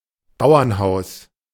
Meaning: farmhouse (farmer's residence)
- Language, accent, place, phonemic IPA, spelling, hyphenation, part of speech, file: German, Germany, Berlin, /ˈbaʊ̯ɐnˌhaʊ̯s/, Bauernhaus, Bau‧ern‧haus, noun, De-Bauernhaus.ogg